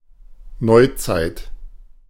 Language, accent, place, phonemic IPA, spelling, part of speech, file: German, Germany, Berlin, /ˈnɔɪ̯tsaɪ̯t/, Neuzeit, noun, De-Neuzeit.ogg
- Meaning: modern age